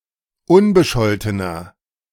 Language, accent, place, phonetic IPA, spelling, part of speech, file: German, Germany, Berlin, [ˈʊnbəˌʃɔltənɐ], unbescholtener, adjective, De-unbescholtener.ogg
- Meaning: inflection of unbescholten: 1. strong/mixed nominative masculine singular 2. strong genitive/dative feminine singular 3. strong genitive plural